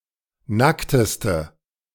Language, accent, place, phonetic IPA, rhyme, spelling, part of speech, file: German, Germany, Berlin, [ˈnaktəstə], -aktəstə, nackteste, adjective, De-nackteste.ogg
- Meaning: inflection of nackt: 1. strong/mixed nominative/accusative feminine singular superlative degree 2. strong nominative/accusative plural superlative degree